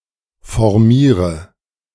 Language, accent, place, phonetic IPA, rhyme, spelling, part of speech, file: German, Germany, Berlin, [fɔʁˈmiːʁə], -iːʁə, formiere, verb, De-formiere.ogg
- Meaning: inflection of formieren: 1. first-person singular present 2. first/third-person singular subjunctive I 3. singular imperative